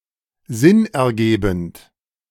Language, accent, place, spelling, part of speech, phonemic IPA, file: German, Germany, Berlin, sinnergebend, adjective, /ˈzɪnʔɛɐ̯ˌɡeːbənt/, De-sinnergebend.ogg
- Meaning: logical